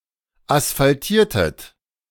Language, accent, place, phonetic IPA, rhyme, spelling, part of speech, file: German, Germany, Berlin, [asfalˈtiːɐ̯tət], -iːɐ̯tət, asphaltiertet, verb, De-asphaltiertet.ogg
- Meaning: inflection of asphaltieren: 1. second-person plural preterite 2. second-person plural subjunctive II